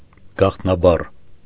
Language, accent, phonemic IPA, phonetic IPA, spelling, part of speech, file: Armenian, Eastern Armenian, /ɡɑχtnɑˈbɑr/, [ɡɑχtnɑbɑ́r], գաղտնաբառ, noun, Hy-գաղտնաբառ.ogg
- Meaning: password